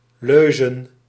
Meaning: 1. plural of leuze 2. plural of leus
- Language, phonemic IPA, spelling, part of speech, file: Dutch, /ˈløzə(n)/, leuzen, noun, Nl-leuzen.ogg